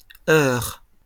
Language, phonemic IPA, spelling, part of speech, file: French, /œʁ/, heures, noun, LL-Q150 (fra)-heures.wav
- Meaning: plural of heure